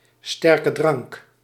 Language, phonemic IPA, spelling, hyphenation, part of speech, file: Dutch, /ˌstɛr.kəˈdrɑŋk/, sterkedrank, ster‧ke‧drank, noun, Nl-sterkedrank.ogg
- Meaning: liquor, spirit(s): 1. distilled beverage 2. beverage with 15%+ alcohol content